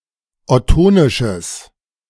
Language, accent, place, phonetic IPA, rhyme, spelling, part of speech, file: German, Germany, Berlin, [ɔˈtoːnɪʃəs], -oːnɪʃəs, ottonisches, adjective, De-ottonisches.ogg
- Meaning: strong/mixed nominative/accusative neuter singular of ottonisch